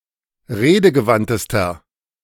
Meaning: inflection of redegewandt: 1. strong/mixed nominative masculine singular superlative degree 2. strong genitive/dative feminine singular superlative degree 3. strong genitive plural superlative degree
- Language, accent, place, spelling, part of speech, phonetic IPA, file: German, Germany, Berlin, redegewandtester, adjective, [ˈʁeːdəɡəˌvantəstɐ], De-redegewandtester.ogg